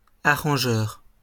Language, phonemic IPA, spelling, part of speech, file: French, /a.ʁɑ̃.ʒœʁ/, arrangeur, noun, LL-Q150 (fra)-arrangeur.wav
- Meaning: 1. arranger (one who arranges) 2. arranger